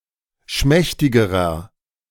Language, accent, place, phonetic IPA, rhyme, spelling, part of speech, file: German, Germany, Berlin, [ˈʃmɛçtɪɡəʁɐ], -ɛçtɪɡəʁɐ, schmächtigerer, adjective, De-schmächtigerer.ogg
- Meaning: inflection of schmächtig: 1. strong/mixed nominative masculine singular comparative degree 2. strong genitive/dative feminine singular comparative degree 3. strong genitive plural comparative degree